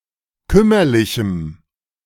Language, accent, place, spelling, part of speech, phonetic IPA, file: German, Germany, Berlin, kümmerlichem, adjective, [ˈkʏmɐlɪçm̩], De-kümmerlichem.ogg
- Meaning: strong dative masculine/neuter singular of kümmerlich